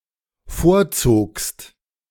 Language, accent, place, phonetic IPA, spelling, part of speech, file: German, Germany, Berlin, [ˈfoːɐ̯ˌt͡soːkst], vorzogst, verb, De-vorzogst.ogg
- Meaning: second-person singular dependent preterite of vorziehen